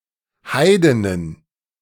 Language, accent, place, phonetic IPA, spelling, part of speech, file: German, Germany, Berlin, [ˈhaɪ̯dɪnən], Heidinnen, noun, De-Heidinnen.ogg
- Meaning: plural of Heidin